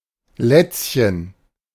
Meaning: diminutive of Latz; bib (item of clothing for babies)
- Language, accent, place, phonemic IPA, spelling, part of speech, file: German, Germany, Berlin, /ˈlɛtsçən/, Lätzchen, noun, De-Lätzchen.ogg